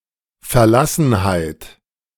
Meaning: loneliness, forlornness, forsakenness, desolation
- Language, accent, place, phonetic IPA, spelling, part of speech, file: German, Germany, Berlin, [fɛɐ̯ˈlasn̩haɪ̯t], Verlassenheit, noun, De-Verlassenheit.ogg